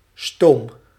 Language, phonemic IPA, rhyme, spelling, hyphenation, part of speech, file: Dutch, /stoːm/, -oːm, stoom, stoom, noun, Nl-stoom.ogg
- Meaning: steam